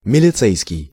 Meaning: 1. police, militsia (during the Soviet period and in some post-Soviet successor states) 2. militia (in the Russian Empire)
- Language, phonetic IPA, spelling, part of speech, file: Russian, [mʲɪlʲɪˈt͡sɛjskʲɪj], милицейский, adjective, Ru-милицейский.ogg